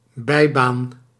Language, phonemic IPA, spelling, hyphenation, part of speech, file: Dutch, /ˈbɛi̯.baːn/, bijbaan, bij‧baan, noun, Nl-bijbaan.ogg
- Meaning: side job, extra job (job that one has beside an education or another job)